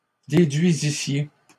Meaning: second-person plural imperfect subjunctive of déduire
- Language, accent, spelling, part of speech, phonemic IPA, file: French, Canada, déduisissiez, verb, /de.dɥi.zi.sje/, LL-Q150 (fra)-déduisissiez.wav